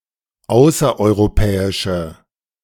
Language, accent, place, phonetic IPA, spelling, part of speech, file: German, Germany, Berlin, [ˈaʊ̯sɐʔɔɪ̯ʁoˌpɛːɪʃə], außereuropäische, adjective, De-außereuropäische.ogg
- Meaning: inflection of außereuropäisch: 1. strong/mixed nominative/accusative feminine singular 2. strong nominative/accusative plural 3. weak nominative all-gender singular